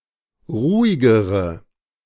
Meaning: inflection of ruhig: 1. strong/mixed nominative/accusative feminine singular comparative degree 2. strong nominative/accusative plural comparative degree
- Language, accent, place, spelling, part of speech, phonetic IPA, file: German, Germany, Berlin, ruhigere, adjective, [ˈʁuːɪɡəʁə], De-ruhigere.ogg